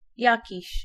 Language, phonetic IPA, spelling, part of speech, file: Polish, [ˈjäciɕ], jakiś, pronoun, Pl-jakiś.ogg